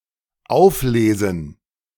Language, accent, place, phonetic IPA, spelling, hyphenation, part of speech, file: German, Germany, Berlin, [ˈaʊ̯fˌleːzn̩], auflesen, auf‧le‧sen, verb, De-auflesen.ogg
- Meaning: 1. to pick up (something from the ground) 2. to pick (e.g. berries, potatoes) 3. to pick up (a person, e.g. at a meeting point)